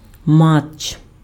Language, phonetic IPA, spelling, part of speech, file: Ukrainian, [mat͡ʃː], матч, noun, Uk-матч.ogg
- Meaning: match